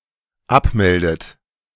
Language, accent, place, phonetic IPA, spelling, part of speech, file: German, Germany, Berlin, [ˈapˌmɛldət], abmeldet, verb, De-abmeldet.ogg
- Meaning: inflection of abmelden: 1. third-person singular dependent present 2. second-person plural dependent present 3. second-person plural dependent subjunctive I